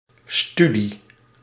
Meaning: 1. the activity of studying (mental effort to learn or acquire knowledge) 2. a study (tertiary education, usually at an academic level) 3. a study, (piece of) research
- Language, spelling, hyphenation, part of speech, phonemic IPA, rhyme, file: Dutch, studie, stu‧die, noun, /ˈsty.di/, -ydi, Nl-studie.ogg